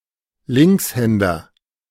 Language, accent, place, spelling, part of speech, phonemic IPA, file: German, Germany, Berlin, Linkshänder, noun, /ˈlɪŋksˌhɛndɐ/, De-Linkshänder.ogg
- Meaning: left-hander